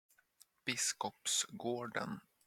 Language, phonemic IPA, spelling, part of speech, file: Swedish, /ˈbɪs.kɔpsˌɡoːɖɛn/, Biskopsgården, proper noun, Sv-Biskopsgården.flac
- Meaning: a suburb of Gothenburg, Sweden